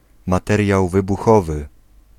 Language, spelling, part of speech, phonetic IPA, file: Polish, materiał wybuchowy, noun, [maˈtɛrʲjaw ˌvɨbuˈxɔvɨ], Pl-materiał wybuchowy.ogg